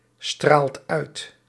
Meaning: inflection of uitstralen: 1. second/third-person singular present indicative 2. plural imperative
- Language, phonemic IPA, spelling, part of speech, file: Dutch, /ˈstralt ˈœyt/, straalt uit, verb, Nl-straalt uit.ogg